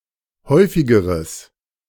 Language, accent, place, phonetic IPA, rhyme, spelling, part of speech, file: German, Germany, Berlin, [ˈhɔɪ̯fɪɡəʁəs], -ɔɪ̯fɪɡəʁəs, häufigeres, adjective, De-häufigeres.ogg
- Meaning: strong/mixed nominative/accusative neuter singular comparative degree of häufig